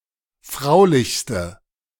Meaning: inflection of fraulich: 1. strong/mixed nominative/accusative feminine singular superlative degree 2. strong nominative/accusative plural superlative degree
- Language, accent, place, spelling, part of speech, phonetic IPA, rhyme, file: German, Germany, Berlin, fraulichste, adjective, [ˈfʁaʊ̯lɪçstə], -aʊ̯lɪçstə, De-fraulichste.ogg